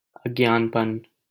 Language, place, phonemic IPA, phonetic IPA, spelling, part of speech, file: Hindi, Delhi, /əd͡ʒ.nɑːn.pən/, [ɐd͡ʒ.nä̃ːn.pɐ̃n], अज्ञानपन, noun, LL-Q1568 (hin)-अज्ञानपन.wav
- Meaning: ignorance; stupidity